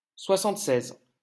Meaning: seventy-six
- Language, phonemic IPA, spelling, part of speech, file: French, /swa.sɑ̃t.sɛz/, soixante-seize, numeral, LL-Q150 (fra)-soixante-seize.wav